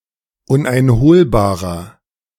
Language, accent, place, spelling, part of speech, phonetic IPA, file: German, Germany, Berlin, uneinholbarer, adjective, [ˌʊnʔaɪ̯nˈhoːlbaːʁɐ], De-uneinholbarer.ogg
- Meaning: inflection of uneinholbar: 1. strong/mixed nominative masculine singular 2. strong genitive/dative feminine singular 3. strong genitive plural